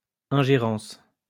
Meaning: interference, meddling
- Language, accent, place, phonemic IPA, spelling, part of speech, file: French, France, Lyon, /ɛ̃.ʒe.ʁɑ̃s/, ingérence, noun, LL-Q150 (fra)-ingérence.wav